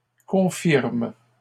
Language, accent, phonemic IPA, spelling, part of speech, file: French, Canada, /kɔ̃.fiʁm/, confirment, verb, LL-Q150 (fra)-confirment.wav
- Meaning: third-person plural present indicative/subjunctive of confirmer